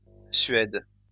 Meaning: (noun) suede (type of leather); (verb) inflection of suéder: 1. first/third-person singular present indicative/subjunctive 2. second-person singular imperative
- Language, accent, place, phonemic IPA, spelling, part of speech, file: French, France, Lyon, /sɥɛd/, suède, noun / verb, LL-Q150 (fra)-suède.wav